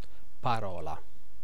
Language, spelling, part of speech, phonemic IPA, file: Italian, parola, noun, /paˈrɔla/, It-parola.ogg